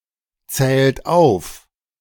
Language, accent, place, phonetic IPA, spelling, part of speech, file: German, Germany, Berlin, [ˌt͡sɛːlt ˈaʊ̯f], zählt auf, verb, De-zählt auf.ogg
- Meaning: inflection of aufzählen: 1. second-person plural present 2. third-person singular present 3. plural imperative